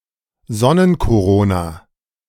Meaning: solar corona
- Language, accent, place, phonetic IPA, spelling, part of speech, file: German, Germany, Berlin, [ˈzɔnənkoˌʁoːna], Sonnenkorona, noun, De-Sonnenkorona.ogg